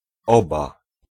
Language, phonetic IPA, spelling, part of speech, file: Polish, [ˈɔba], oba, numeral, Pl-oba.ogg